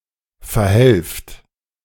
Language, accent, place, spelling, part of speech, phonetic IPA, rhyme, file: German, Germany, Berlin, verhelft, verb, [fɛɐ̯ˈhɛlft], -ɛlft, De-verhelft.ogg
- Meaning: inflection of verhelfen: 1. second-person plural present 2. plural imperative